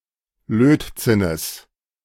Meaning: genitive singular of Lötzinn
- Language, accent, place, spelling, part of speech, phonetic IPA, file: German, Germany, Berlin, Lötzinnes, noun, [ˈløːtˌt͡sɪnəs], De-Lötzinnes.ogg